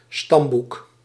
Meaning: ancestry book, (breeding) pedigree book
- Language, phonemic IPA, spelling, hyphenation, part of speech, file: Dutch, /ˈstɑm.buk/, stamboek, stam‧boek, noun, Nl-stamboek.ogg